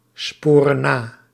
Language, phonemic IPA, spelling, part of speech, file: Dutch, /ˈsporə(n) ˈna/, sporen na, verb, Nl-sporen na.ogg
- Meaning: inflection of nasporen: 1. plural present indicative 2. plural present subjunctive